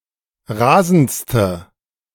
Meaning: inflection of rasend: 1. strong/mixed nominative/accusative feminine singular superlative degree 2. strong nominative/accusative plural superlative degree
- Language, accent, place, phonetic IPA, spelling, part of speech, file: German, Germany, Berlin, [ˈʁaːzn̩t͡stə], rasendste, adjective, De-rasendste.ogg